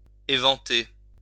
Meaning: 1. to air, ventilate (expose to the air) 2. to fan 3. to expose to the wind 4. to expose, to reveal 5. to go off, go stale, go flat
- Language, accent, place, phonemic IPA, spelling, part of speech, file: French, France, Lyon, /e.vɑ̃.te/, éventer, verb, LL-Q150 (fra)-éventer.wav